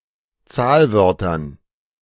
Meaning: dative plural of Zahlwort
- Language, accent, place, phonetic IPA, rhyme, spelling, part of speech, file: German, Germany, Berlin, [ˈt͡saːlˌvœʁtɐn], -aːlvœʁtɐn, Zahlwörtern, noun, De-Zahlwörtern.ogg